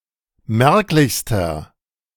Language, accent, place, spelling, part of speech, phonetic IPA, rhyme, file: German, Germany, Berlin, merklichster, adjective, [ˈmɛʁklɪçstɐ], -ɛʁklɪçstɐ, De-merklichster.ogg
- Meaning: inflection of merklich: 1. strong/mixed nominative masculine singular superlative degree 2. strong genitive/dative feminine singular superlative degree 3. strong genitive plural superlative degree